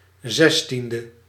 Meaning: sixteenth
- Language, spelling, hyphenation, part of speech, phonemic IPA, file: Dutch, zestiende, zes‧tien‧de, adjective, /ˈzɛsˌtin.də/, Nl-zestiende.ogg